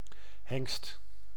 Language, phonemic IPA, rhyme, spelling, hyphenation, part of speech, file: Dutch, /ɦɛŋst/, -ɛŋst, hengst, hengst, noun, Nl-hengst.ogg
- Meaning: 1. stallion (male horse, especially uncastrated) 2. a very hard hit, like given by a angrily kicking stallion